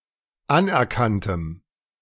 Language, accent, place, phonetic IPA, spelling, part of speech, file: German, Germany, Berlin, [ˈanʔɛɐ̯ˌkantəm], anerkanntem, adjective, De-anerkanntem.ogg
- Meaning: strong dative masculine/neuter singular of anerkannt